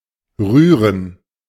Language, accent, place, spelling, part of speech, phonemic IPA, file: German, Germany, Berlin, rühren, verb, /ˈryːrən/, De-rühren.ogg
- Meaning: 1. to stir, to mix (a liquid or powder as in cooking) 2. to stir; to move; to cause an emotion, especially sentimentality or compassion 3. to stir (oneself); to move slightly 4. to stand at ease